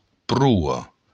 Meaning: bow, prow
- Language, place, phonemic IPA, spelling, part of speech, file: Occitan, Béarn, /ˈpru.ɒ/, proa, noun, LL-Q14185 (oci)-proa.wav